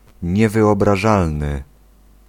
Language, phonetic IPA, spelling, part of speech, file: Polish, [ˌɲɛvɨɔbraˈʒalnɨ], niewyobrażalny, adjective, Pl-niewyobrażalny.ogg